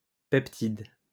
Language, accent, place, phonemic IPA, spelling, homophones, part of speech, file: French, France, Lyon, /pɛp.tid/, peptide, peptides, noun, LL-Q150 (fra)-peptide.wav
- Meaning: peptide